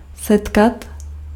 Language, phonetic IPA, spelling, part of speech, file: Czech, [ˈsɛtkat], setkat, verb, Cs-setkat.ogg
- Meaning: 1. to meet (to come face to face with someone by arrangement) 2. to meet (to converge and touch)